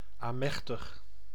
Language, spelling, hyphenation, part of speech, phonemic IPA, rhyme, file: Dutch, amechtig, amech‧tig, adjective / adverb, /aːˈmɛx.təx/, -ɛxtəx, Nl-amechtig.ogg
- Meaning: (adjective) 1. powerless 2. short of breath, panting, short-winded 3. forced, frantic; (adverb) in a forced, frantic way